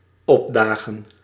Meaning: 1. to show up, to appear 2. to summon, to subpoena
- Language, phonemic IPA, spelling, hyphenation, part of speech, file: Dutch, /ˈɔpˌdaː.ɣə(n)/, opdagen, op‧da‧gen, verb, Nl-opdagen.ogg